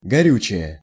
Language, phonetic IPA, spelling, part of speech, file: Russian, [ɡɐˈrʲʉt͡ɕɪje], горючее, noun / adjective, Ru-горючее.ogg
- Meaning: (noun) 1. fuel, gasoline, petrol (of engines) 2. propellant; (adjective) neuter nominative/accusative singular of горю́чий (gorjúčij)